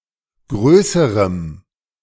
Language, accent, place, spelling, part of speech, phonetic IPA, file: German, Germany, Berlin, größerem, adjective, [ˈɡʁøːsəʁəm], De-größerem.ogg
- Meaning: strong dative masculine/neuter singular comparative degree of groß